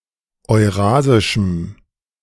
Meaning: strong dative masculine/neuter singular of eurasisch
- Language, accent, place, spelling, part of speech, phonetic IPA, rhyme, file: German, Germany, Berlin, eurasischem, adjective, [ɔɪ̯ˈʁaːzɪʃm̩], -aːzɪʃm̩, De-eurasischem.ogg